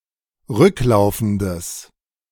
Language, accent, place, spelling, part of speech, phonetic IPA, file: German, Germany, Berlin, rücklaufendes, adjective, [ˈʁʏkˌlaʊ̯fn̩dəs], De-rücklaufendes.ogg
- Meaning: strong/mixed nominative/accusative neuter singular of rücklaufend